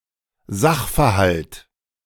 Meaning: circumstance (surrounding the facts), factual findings
- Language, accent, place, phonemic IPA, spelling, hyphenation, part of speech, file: German, Germany, Berlin, /ˈzaxfɛɐ̯ˌhalt/, Sachverhalt, Sach‧ver‧halt, noun, De-Sachverhalt.ogg